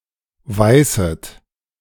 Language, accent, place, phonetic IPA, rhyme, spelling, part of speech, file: German, Germany, Berlin, [ˈvaɪ̯sət], -aɪ̯sət, weißet, verb, De-weißet.ogg
- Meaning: second-person plural subjunctive I of weißen